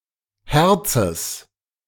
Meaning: genitive of Herz
- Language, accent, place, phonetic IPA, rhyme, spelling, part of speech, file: German, Germany, Berlin, [ˈhɛʁt͡səs], -ɛʁt͡səs, Herzes, noun, De-Herzes.ogg